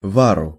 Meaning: dative singular of вар (var)
- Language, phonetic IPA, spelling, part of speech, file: Russian, [ˈvarʊ], вару, noun, Ru-вару.ogg